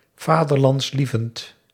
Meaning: patriotic
- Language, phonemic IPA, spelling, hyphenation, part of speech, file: Dutch, /ˌvaː.dər.lɑntsˈli.vənt/, vaderlandslievend, va‧der‧lands‧lie‧vend, adjective, Nl-vaderlandslievend.ogg